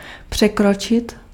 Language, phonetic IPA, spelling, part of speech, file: Czech, [ˈpr̝̊ɛkrot͡ʃɪt], překročit, verb, Cs-překročit.ogg
- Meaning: 1. to exceed (to go beyond the limits of something) 2. to step over (something)